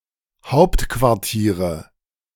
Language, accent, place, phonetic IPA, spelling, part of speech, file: German, Germany, Berlin, [ˈhaʊ̯ptkvaʁˌtiːʁə], Hauptquartiere, noun, De-Hauptquartiere.ogg
- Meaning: nominative/accusative/genitive plural of Hauptquartier